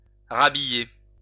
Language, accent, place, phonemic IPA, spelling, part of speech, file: French, France, Lyon, /ʁa.bi.je/, rhabiller, verb, LL-Q150 (fra)-rhabiller.wav
- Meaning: to get dressed again; to redress